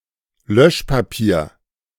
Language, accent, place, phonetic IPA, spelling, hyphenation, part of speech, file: German, Germany, Berlin, [ˈlœʃpaˌpiːɐ̯], Löschpapier, Lösch‧pa‧pier, noun, De-Löschpapier.ogg
- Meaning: blotting paper